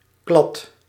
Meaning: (noun) 1. draft 2. stain, spot; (verb) inflection of kladden: 1. first-person singular present indicative 2. second-person singular present indicative 3. imperative
- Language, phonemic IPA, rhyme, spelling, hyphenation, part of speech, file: Dutch, /klɑt/, -ɑt, klad, klad, noun / verb, Nl-klad.ogg